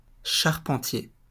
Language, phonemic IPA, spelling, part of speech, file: French, /ʃaʁ.pɑ̃.tje/, charpentier, noun / adjective, LL-Q150 (fra)-charpentier.wav
- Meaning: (noun) carpenter; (adjective) carpentry